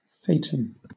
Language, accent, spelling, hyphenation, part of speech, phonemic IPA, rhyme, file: English, Southern England, thetan, the‧tan, noun, /ˈθeɪ.tən/, -eɪtən, LL-Q1860 (eng)-thetan.wav
- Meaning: A soul, spirit or being